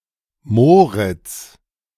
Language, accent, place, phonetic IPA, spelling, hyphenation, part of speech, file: German, Germany, Berlin, [ˈmoːʁɪt͡s], Moritz, Mo‧ritz, proper noun, De-Moritz.ogg
- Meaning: a male given name, equivalent to English Morris or Maurice